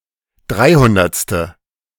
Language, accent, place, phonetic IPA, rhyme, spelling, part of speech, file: German, Germany, Berlin, [ˈdʁaɪ̯ˌhʊndɐt͡stə], -aɪ̯hʊndɐt͡stə, dreihundertste, numeral, De-dreihundertste.ogg
- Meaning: three-hundredth